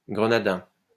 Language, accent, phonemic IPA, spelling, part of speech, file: French, France, /ɡʁə.na.dɛ̃/, grenadin, adjective, LL-Q150 (fra)-grenadin.wav
- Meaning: 1. Granadan (of, from or relating to the city of Granada, the capital of the province of Granada, Andalusia, Spain) 2. Granadan (of, from or relating to the province of Granada, Andalusia, Spain)